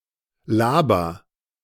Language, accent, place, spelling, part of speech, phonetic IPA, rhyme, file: German, Germany, Berlin, laber, verb, [ˈlaːbɐ], -aːbɐ, De-laber.ogg
- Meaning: inflection of labern: 1. first-person singular present 2. singular imperative